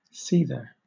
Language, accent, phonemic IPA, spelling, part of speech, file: English, Southern England, /ˈsiːðə(ɹ)/, seether, noun, LL-Q1860 (eng)-seether.wav
- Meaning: 1. A pot for boiling things; a boiler 2. A person who seethes